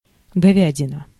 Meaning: beef (meat of a cow or bull)
- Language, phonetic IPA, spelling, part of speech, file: Russian, [ɡɐˈvʲædʲɪnə], говядина, noun, Ru-говядина.ogg